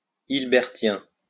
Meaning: Hilbertian
- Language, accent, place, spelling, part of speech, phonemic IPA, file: French, France, Lyon, hilbertien, adjective, /il.bɛʁ.tjɛ̃/, LL-Q150 (fra)-hilbertien.wav